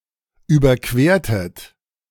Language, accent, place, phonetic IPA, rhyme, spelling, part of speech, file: German, Germany, Berlin, [ˌyːbɐˈkveːɐ̯tət], -eːɐ̯tət, überquertet, verb, De-überquertet.ogg
- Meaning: inflection of überqueren: 1. second-person plural preterite 2. second-person plural subjunctive II